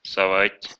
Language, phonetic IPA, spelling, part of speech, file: Russian, [sɐˈvatʲ], совать, verb, Ru-совать.ogg
- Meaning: 1. to put 2. to slip, to give 3. to poke, to stick in 4. to butt in